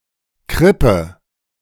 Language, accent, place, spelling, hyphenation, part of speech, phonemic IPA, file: German, Germany, Berlin, Krippe, Krip‧pe, noun, /ˈkʁɪpə/, De-Krippe.ogg
- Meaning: 1. crib (feeding trough for animals), manger 2. nativity scene, crèche 3. crèche (day nursery)